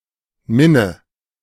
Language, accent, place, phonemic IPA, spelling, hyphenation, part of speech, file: German, Germany, Berlin, /ˈmɪnə/, Minne, Min‧ne, noun, De-Minne.ogg
- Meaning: 1. romantic love 2. courtly love; a kind of chivalrous, serving love by a knight for a noblewoman, generally secret and sometimes adulterous